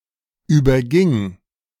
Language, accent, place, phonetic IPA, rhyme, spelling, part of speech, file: German, Germany, Berlin, [ˌyːbɐˈɡɪŋ], -ɪŋ, überging, verb, De-überging.ogg
- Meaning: first/third-person singular preterite of übergehen